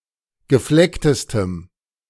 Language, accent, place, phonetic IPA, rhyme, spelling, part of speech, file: German, Germany, Berlin, [ɡəˈflɛktəstəm], -ɛktəstəm, geflecktestem, adjective, De-geflecktestem.ogg
- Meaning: strong dative masculine/neuter singular superlative degree of gefleckt